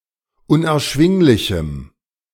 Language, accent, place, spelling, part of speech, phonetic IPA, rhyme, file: German, Germany, Berlin, unerschwinglichem, adjective, [ʊnʔɛɐ̯ˈʃvɪŋlɪçm̩], -ɪŋlɪçm̩, De-unerschwinglichem.ogg
- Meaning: strong dative masculine/neuter singular of unerschwinglich